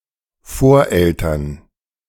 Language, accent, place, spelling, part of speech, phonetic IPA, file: German, Germany, Berlin, Voreltern, noun, [ˈfoːɐ̯ˌʔɛltɐn], De-Voreltern.ogg
- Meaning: forefathers, foreparents (including both mothers and fathers)